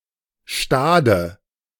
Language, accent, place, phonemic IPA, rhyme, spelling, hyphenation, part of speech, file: German, Germany, Berlin, /ˈʃtaːdə/, -aːdə, Stade, Sta‧de, proper noun, De-Stade.ogg
- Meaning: Stade (a town and rural district of Lower Saxony, Germany)